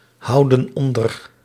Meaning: inflection of onderhouden: 1. plural present indicative 2. plural present subjunctive
- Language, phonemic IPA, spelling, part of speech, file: Dutch, /ˈhɑudə(n) ˈɔndər/, houden onder, verb, Nl-houden onder.ogg